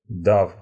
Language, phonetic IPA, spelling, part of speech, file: Russian, [daf], дав, verb, Ru-дав.ogg
- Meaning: short past adverbial perfective participle of дать (datʹ)